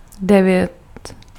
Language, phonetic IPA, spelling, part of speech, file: Czech, [ˈdɛvjɛt], devět, numeral, Cs-devět.ogg
- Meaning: nine